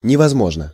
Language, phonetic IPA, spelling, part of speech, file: Russian, [nʲɪvɐzˈmoʐnə], невозможно, adverb / adjective, Ru-невозможно.ogg
- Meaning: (adverb) impossibly; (adjective) 1. it is impossible 2. there is no way (to do something) 3. short neuter singular of невозмо́жный (nevozmóžnyj)